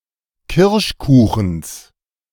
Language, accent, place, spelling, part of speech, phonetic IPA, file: German, Germany, Berlin, Kirschkuchens, noun, [ˈkɪʁʃˌkuːxn̩s], De-Kirschkuchens.ogg
- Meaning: genitive singular of Kirschkuchen